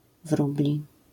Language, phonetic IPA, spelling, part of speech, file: Polish, [ˈvrublʲi], wróbli, adjective / noun, LL-Q809 (pol)-wróbli.wav